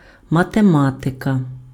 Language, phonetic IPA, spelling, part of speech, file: Ukrainian, [mɐteˈmatekɐ], математика, noun, Uk-математика.ogg
- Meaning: 1. mathematics 2. genitive/accusative singular of матема́тик (matemátyk)